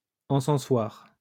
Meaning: censer
- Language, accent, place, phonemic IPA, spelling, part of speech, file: French, France, Lyon, /ɑ̃.sɑ̃.swaʁ/, encensoir, noun, LL-Q150 (fra)-encensoir.wav